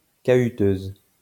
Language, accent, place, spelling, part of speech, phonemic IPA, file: French, France, Lyon, chahuteuse, adjective, /ʃa.y.tøz/, LL-Q150 (fra)-chahuteuse.wav
- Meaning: feminine singular of chahuteur